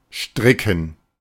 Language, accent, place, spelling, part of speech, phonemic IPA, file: German, Germany, Berlin, stricken, verb, /ˈʃtrɪkən/, De-stricken.ogg
- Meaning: 1. to knit 2. to make, devise, concoct (e.g. a story, a ruse) 3. to tie, knot